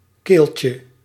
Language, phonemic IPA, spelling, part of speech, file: Dutch, /ˈkelcə/, keeltje, noun, Nl-keeltje.ogg
- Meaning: diminutive of keel